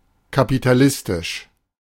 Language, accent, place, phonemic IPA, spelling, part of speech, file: German, Germany, Berlin, /kapitaˈlɪstɪʃ/, kapitalistisch, adjective, De-kapitalistisch.ogg
- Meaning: capitalist, capitalistic